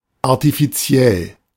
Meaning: artificial; unnatural
- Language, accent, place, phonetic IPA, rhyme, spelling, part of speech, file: German, Germany, Berlin, [aʁtifiˈt͡si̯ɛl], -ɛl, artifiziell, adjective, De-artifiziell.ogg